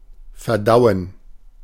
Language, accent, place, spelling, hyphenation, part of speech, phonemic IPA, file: German, Germany, Berlin, verdauen, ver‧dau‧en, verb, /ferˈdaʊ̯ən/, De-verdauen.ogg
- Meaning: 1. to digest (separate food in the alimentary canal) 2. to process (a piece of news etc.), to accept, get over